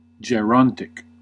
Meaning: 1. Of or pertaining to old age or the elderly 2. Of or pertaining to senescent animals or plants
- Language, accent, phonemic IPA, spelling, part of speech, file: English, US, /d͡ʒɛˈɹɑːnt.ɪk/, gerontic, adjective, En-us-gerontic.ogg